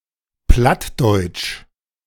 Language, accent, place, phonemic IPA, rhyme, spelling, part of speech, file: German, Germany, Berlin, /ˈplatˌdɔɪ̯t͡ʃ/, -ɔɪ̯t͡ʃ, plattdeutsch, adjective, De-plattdeutsch.ogg
- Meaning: Low German